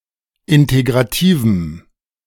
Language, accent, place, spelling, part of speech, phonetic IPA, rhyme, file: German, Germany, Berlin, integrativem, adjective, [ˌɪnteɡʁaˈtiːvm̩], -iːvm̩, De-integrativem.ogg
- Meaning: strong dative masculine/neuter singular of integrativ